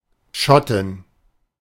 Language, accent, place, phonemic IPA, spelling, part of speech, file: German, Germany, Berlin, /ˈʃɔtɪn/, Schottin, noun, De-Schottin.ogg
- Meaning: female Scot, Scotswoman